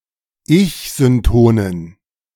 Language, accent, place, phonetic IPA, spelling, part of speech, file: German, Germany, Berlin, [ˈɪçzʏnˌtoːnən], ich-syntonen, adjective, De-ich-syntonen.ogg
- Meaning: inflection of ich-synton: 1. strong genitive masculine/neuter singular 2. weak/mixed genitive/dative all-gender singular 3. strong/weak/mixed accusative masculine singular 4. strong dative plural